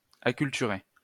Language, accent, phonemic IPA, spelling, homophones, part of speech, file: French, France, /a.kyl.ty.ʁe/, acculturer, acculturai / acculturé / acculturée / acculturées / acculturés / acculturez, verb, LL-Q150 (fra)-acculturer.wav
- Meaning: to acculture